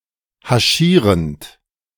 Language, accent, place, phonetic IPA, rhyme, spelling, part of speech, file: German, Germany, Berlin, [haˈʃiːʁənt], -iːʁənt, haschierend, verb, De-haschierend.ogg
- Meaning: present participle of haschieren